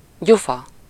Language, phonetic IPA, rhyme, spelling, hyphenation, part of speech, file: Hungarian, [ˈɟufɒ], -fɒ, gyufa, gyu‧fa, noun, Hu-gyufa.ogg